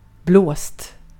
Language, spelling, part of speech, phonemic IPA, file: Swedish, blåst, adjective / verb / noun, /bloːst/, Sv-blåst.ogg
- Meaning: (adjective) 1. daft, stupid 2. tricked, fooled; having lost something due to trickery; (verb) supine of blåsa; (noun) strong or sustained wind